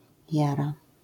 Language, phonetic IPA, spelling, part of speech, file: Polish, [ˈjara], jara, noun / adjective / verb, LL-Q809 (pol)-jara.wav